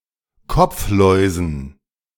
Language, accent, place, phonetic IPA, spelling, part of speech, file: German, Germany, Berlin, [ˈkɔp͡fˌlɔɪ̯zn̩], Kopfläusen, noun, De-Kopfläusen.ogg
- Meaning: dative plural of Kopflaus